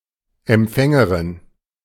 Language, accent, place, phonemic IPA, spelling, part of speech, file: German, Germany, Berlin, /ɛmˈp͡fɛŋərɪn/, Empfängerin, noun, De-Empfängerin.ogg
- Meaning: female equivalent of Empfänger: 1. receiver 2. addressee 3. receptor